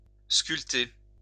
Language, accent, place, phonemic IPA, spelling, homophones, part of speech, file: French, France, Lyon, /skyl.te/, sculpter, sculptai / sculpté / sculptée / sculptées / sculptés / sculptez, verb, LL-Q150 (fra)-sculpter.wav
- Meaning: to sculpt